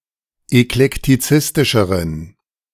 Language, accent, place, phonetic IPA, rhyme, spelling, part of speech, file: German, Germany, Berlin, [ɛklɛktiˈt͡sɪstɪʃəʁən], -ɪstɪʃəʁən, eklektizistischeren, adjective, De-eklektizistischeren.ogg
- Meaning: inflection of eklektizistisch: 1. strong genitive masculine/neuter singular comparative degree 2. weak/mixed genitive/dative all-gender singular comparative degree